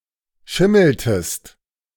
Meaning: inflection of schimmeln: 1. second-person singular preterite 2. second-person singular subjunctive II
- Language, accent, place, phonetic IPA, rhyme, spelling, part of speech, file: German, Germany, Berlin, [ˈʃɪml̩təst], -ɪml̩təst, schimmeltest, verb, De-schimmeltest.ogg